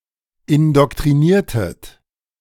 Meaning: inflection of indoktrinieren: 1. second-person plural preterite 2. second-person plural subjunctive II
- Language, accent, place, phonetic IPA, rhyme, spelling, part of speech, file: German, Germany, Berlin, [ɪndɔktʁiˈniːɐ̯tət], -iːɐ̯tət, indoktriniertet, verb, De-indoktriniertet.ogg